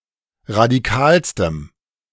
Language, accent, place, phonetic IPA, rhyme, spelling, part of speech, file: German, Germany, Berlin, [ʁadiˈkaːlstəm], -aːlstəm, radikalstem, adjective, De-radikalstem.ogg
- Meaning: strong dative masculine/neuter singular superlative degree of radikal